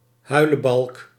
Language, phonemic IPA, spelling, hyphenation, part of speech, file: Dutch, /ˈɦœy̯ləˌbɑlk/, huilebalk, hui‧le‧balk, noun / verb, Nl-huilebalk.ogg
- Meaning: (noun) 1. a crybaby, a child that weeps often and long 2. any weepy person, regardless of age 3. a type of round felt hat with a wide, soft rim and a low crown